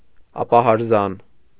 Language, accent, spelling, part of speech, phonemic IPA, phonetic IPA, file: Armenian, Eastern Armenian, ապահարզան, noun, /ɑpɑhɑɾˈzɑn/, [ɑpɑhɑɾzɑ́n], Hy-ապահարզան.ogg
- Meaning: divorce